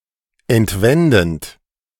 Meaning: present participle of entwenden
- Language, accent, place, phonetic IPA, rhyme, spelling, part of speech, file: German, Germany, Berlin, [ɛntˈvɛndn̩t], -ɛndn̩t, entwendend, verb, De-entwendend.ogg